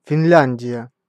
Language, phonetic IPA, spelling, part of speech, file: Russian, [fʲɪnˈlʲænʲdʲɪjə], Финляндия, proper noun, Ru-Финляндия.ogg
- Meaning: Finland (a country in Northern Europe)